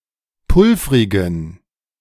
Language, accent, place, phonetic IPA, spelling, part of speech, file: German, Germany, Berlin, [ˈpʊlfʁɪɡn̩], pulvrigen, adjective, De-pulvrigen.ogg
- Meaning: inflection of pulvrig: 1. strong genitive masculine/neuter singular 2. weak/mixed genitive/dative all-gender singular 3. strong/weak/mixed accusative masculine singular 4. strong dative plural